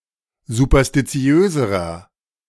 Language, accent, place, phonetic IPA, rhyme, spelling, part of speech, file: German, Germany, Berlin, [zupɐstiˈt͡si̯øːzəʁɐ], -øːzəʁɐ, superstitiöserer, adjective, De-superstitiöserer.ogg
- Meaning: inflection of superstitiös: 1. strong/mixed nominative masculine singular comparative degree 2. strong genitive/dative feminine singular comparative degree 3. strong genitive plural comparative degree